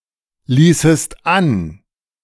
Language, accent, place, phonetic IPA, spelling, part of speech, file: German, Germany, Berlin, [ˌliːsəst ˈan], ließest an, verb, De-ließest an.ogg
- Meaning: second-person singular subjunctive II of anlassen